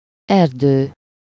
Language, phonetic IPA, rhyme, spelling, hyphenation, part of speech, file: Hungarian, [ˈɛrdøː], -døː, erdő, er‧dő, noun, Hu-erdő.ogg
- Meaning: 1. forest (a dense collection of trees covering a relatively large area) 2. forest, mass, sea, wealth (a large collection of anything resembling the density of a forest)